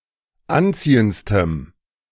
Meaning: strong dative masculine/neuter singular superlative degree of anziehend
- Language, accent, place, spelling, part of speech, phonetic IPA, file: German, Germany, Berlin, anziehendstem, adjective, [ˈanˌt͡siːəntstəm], De-anziehendstem.ogg